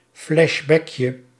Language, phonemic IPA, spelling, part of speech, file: Dutch, /flɛʒˈbɛkjə/, flashbackje, noun, Nl-flashbackje.ogg
- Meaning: diminutive of flashback